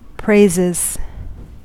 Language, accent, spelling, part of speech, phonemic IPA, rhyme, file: English, US, praises, noun / verb, /ˈpɹeɪzɪz/, -eɪzɪz, En-us-praises.ogg
- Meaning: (noun) plural of praise; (verb) third-person singular simple present indicative of praise